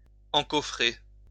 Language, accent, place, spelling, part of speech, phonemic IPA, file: French, France, Lyon, encoffrer, verb, /ɑ̃.kɔ.fʁe/, LL-Q150 (fra)-encoffrer.wav
- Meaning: to enclose in a chest or box